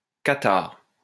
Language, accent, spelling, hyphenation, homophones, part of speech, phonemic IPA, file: French, France, cathare, ca‧thare, catarrhe / catarrhes / cathares / Qatar, adjective / noun, /ka.taʁ/, LL-Q150 (fra)-cathare.wav
- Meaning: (adjective) Catharist; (noun) Cathar